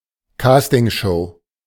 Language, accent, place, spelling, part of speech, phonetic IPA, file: German, Germany, Berlin, Castingshow, noun, [ˈkaːstɪŋˌʃoː], De-Castingshow.ogg
- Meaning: talent show